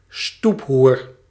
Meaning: 1. A highly pejorative term for a woman 2. street whore, streetwalker (a prostitute who operates in public areas)
- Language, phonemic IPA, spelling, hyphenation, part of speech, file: Dutch, /ˈstup.ɦur/, stoephoer, stoep‧hoer, noun, Nl-stoephoer.ogg